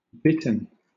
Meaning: 1. Several bird species in the Botaurinae subfamily of the heron family Ardeidae 2. The liquor remaining after halite (common salt) has been harvested from saline water (brine)
- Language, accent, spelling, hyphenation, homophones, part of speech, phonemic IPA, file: English, Southern England, bittern, bit‧tern, Bitterne, noun, /ˈbɪtən/, LL-Q1860 (eng)-bittern.wav